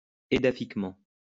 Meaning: edaphically
- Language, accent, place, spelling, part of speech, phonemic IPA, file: French, France, Lyon, édaphiquement, adverb, /e.da.fik.mɑ̃/, LL-Q150 (fra)-édaphiquement.wav